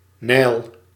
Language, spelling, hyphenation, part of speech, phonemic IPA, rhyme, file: Dutch, Nijl, Nijl, proper noun, /nɛi̯l/, -ɛi̯l, Nl-Nijl.ogg